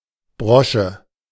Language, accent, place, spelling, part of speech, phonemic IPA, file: German, Germany, Berlin, Brosche, noun, /ˈbʁɔʃə/, De-Brosche.ogg
- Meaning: brooch